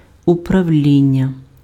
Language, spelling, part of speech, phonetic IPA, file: Ukrainian, управління, noun, [ʊprɐu̯ˈlʲinʲːɐ], Uk-управління.ogg
- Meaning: 1. management, administration 2. control 3. governance 4. department 5. office 6. board